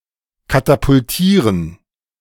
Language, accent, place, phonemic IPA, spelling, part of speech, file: German, Germany, Berlin, /katapʊlˈtiːʁən/, katapultieren, verb, De-katapultieren.ogg
- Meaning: to catapult